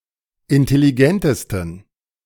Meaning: 1. superlative degree of intelligent 2. inflection of intelligent: strong genitive masculine/neuter singular superlative degree
- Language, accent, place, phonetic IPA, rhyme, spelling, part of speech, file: German, Germany, Berlin, [ɪntɛliˈɡɛntəstn̩], -ɛntəstn̩, intelligentesten, adjective, De-intelligentesten.ogg